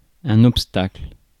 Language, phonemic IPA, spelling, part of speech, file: French, /ɔp.stakl/, obstacle, noun, Fr-obstacle.ogg
- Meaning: obstacle